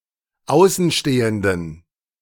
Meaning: inflection of Außenstehender: 1. strong/weak/mixed genitive singular 2. weak/mixed dative singular 3. strong/weak/mixed accusative singular 4. strong dative plural 5. weak/mixed all-case plural
- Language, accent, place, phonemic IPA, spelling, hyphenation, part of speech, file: German, Germany, Berlin, /ˈaʊ̯sənˌʃteːəndən/, Außenstehenden, Au‧ßen‧ste‧hen‧den, noun, De-Außenstehenden.ogg